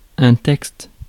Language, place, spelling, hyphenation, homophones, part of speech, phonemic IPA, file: French, Paris, texte, texte, textes, noun, /tɛkst/, Fr-texte.ogg
- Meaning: 1. text (piece of writing) 2. original, as opposed to translation 3. text, SMS 4. lines (for a play, film etc.)